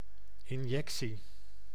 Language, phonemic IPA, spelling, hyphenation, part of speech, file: Dutch, /ɪnˈjɛk.si/, injectie, in‧jec‧tie, noun, Nl-injectie.ogg
- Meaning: 1. injection, the act of injecting 2. what is thus delivered, notably medicine